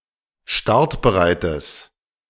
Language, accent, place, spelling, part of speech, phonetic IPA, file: German, Germany, Berlin, startbereites, adjective, [ˈʃtaʁtbəˌʁaɪ̯təs], De-startbereites.ogg
- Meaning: strong/mixed nominative/accusative neuter singular of startbereit